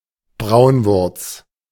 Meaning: figwort
- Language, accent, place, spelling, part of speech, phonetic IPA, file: German, Germany, Berlin, Braunwurz, noun, [ˈbʁaʊ̯nˌvʊʁt͡s], De-Braunwurz.ogg